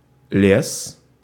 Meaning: 1. forest, woods 2. lumber, timber 3. леса́ scaffolding, scaffold trestle, falsework 4. much, many, a lot of something (especially high, eminent)
- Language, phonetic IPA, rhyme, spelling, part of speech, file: Russian, [lʲes], -es, лес, noun, Ru-лес.ogg